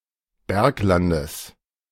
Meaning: genitive singular of Bergland
- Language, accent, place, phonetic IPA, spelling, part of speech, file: German, Germany, Berlin, [ˈbɛʁkˌlandəs], Berglandes, noun, De-Berglandes.ogg